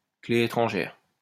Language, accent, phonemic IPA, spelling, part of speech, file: French, France, /kle e.tʁɑ̃.ʒɛʁ/, clé étrangère, noun, LL-Q150 (fra)-clé étrangère.wav
- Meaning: foreign key